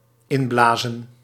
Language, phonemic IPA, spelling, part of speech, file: Dutch, /ˈɪmˌblaːzə(n)/, inblazen, verb, Nl-inblazen.ogg
- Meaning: to breathe new life into, to give another chance to, to revive